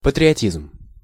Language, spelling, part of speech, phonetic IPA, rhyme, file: Russian, патриотизм, noun, [pətrʲɪɐˈtʲizm], -izm, Ru-патриотизм.ogg
- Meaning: patriotism